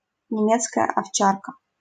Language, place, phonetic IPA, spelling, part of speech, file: Russian, Saint Petersburg, [nʲɪˈmʲet͡skəjə ɐfˈt͡ɕarkə], немецкая овчарка, noun, LL-Q7737 (rus)-немецкая овчарка.wav
- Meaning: German Shepherd